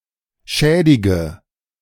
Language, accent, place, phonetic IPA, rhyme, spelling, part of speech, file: German, Germany, Berlin, [ˈʃɛːdɪɡə], -ɛːdɪɡə, schädige, verb, De-schädige.ogg
- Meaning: inflection of schädigen: 1. first-person singular present 2. first/third-person singular subjunctive I 3. singular imperative